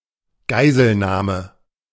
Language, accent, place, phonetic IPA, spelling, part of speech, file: German, Germany, Berlin, [ˈɡaɪ̯zl̩ˌnaːmə], Geiselnahme, noun, De-Geiselnahme.ogg
- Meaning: taking of hostages